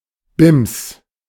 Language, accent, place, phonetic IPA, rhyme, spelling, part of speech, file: German, Germany, Berlin, [bɪms], -ɪms, Bims, noun, De-Bims.ogg
- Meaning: pumice